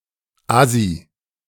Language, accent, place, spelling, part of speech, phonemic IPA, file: German, Germany, Berlin, assi, adjective, /ˈazi/, De-assi.ogg
- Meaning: 1. antisocial 2. crummy; of low quality